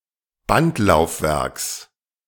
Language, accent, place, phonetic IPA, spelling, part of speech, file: German, Germany, Berlin, [ˈbantlaʊ̯fˌvɛʁks], Bandlaufwerks, noun, De-Bandlaufwerks.ogg
- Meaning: genitive singular of Bandlaufwerk